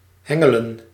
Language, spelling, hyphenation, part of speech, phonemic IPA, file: Dutch, hengelen, hen‧ge‧len, verb, /ˈɦɛ.ŋə.lə(n)/, Nl-hengelen.ogg
- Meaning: 1. to angle, to fish with a fishhook on a line on a rod 2. to fish for information or some reaction